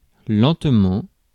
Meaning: slowly
- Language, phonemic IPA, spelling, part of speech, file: French, /lɑ̃t.mɑ̃/, lentement, adverb, Fr-lentement.ogg